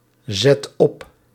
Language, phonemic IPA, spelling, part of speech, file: Dutch, /ˈzɛt ˈɔp/, zet op, verb, Nl-zet op.ogg
- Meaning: inflection of opzetten: 1. first/second/third-person singular present indicative 2. imperative